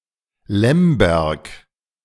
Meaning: Lemberg (Lviv, a city in Galicia, western Ukraine)
- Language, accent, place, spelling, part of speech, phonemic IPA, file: German, Germany, Berlin, Lemberg, proper noun, /ˈlɛmbɛʁk/, De-Lemberg.ogg